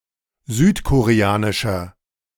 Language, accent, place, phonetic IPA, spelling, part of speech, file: German, Germany, Berlin, [ˈzyːtkoʁeˌaːnɪʃɐ], südkoreanischer, adjective, De-südkoreanischer.ogg
- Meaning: inflection of südkoreanisch: 1. strong/mixed nominative masculine singular 2. strong genitive/dative feminine singular 3. strong genitive plural